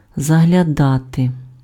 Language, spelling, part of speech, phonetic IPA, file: Ukrainian, заглядати, verb, [zɐɦlʲɐˈdate], Uk-заглядати.ogg
- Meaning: 1. to look, to peep, to glance, to have a look (at/into) 2. to drop in, to look in, to call in (visit briefly)